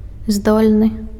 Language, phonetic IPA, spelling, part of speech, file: Belarusian, [ˈzdolʲnɨ], здольны, adjective, Be-здольны.ogg
- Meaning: 1. able, capable 2. gifted, bright